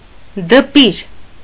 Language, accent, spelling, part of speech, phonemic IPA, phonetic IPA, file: Armenian, Eastern Armenian, դպիր, noun, /dəˈpiɾ/, [dəpíɾ], Hy-դպիր.ogg
- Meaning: 1. psalm-reader 2. scribe 3. scholar, learned man